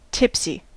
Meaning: 1. Slightly drunk, fuddled, staggering, foolish as a result of drinking alcoholic beverages 2. Unsteady, askew 3. Containing alcohol
- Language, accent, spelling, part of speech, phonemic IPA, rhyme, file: English, US, tipsy, adjective, /ˈtɪp.si/, -ɪpsi, En-us-tipsy.ogg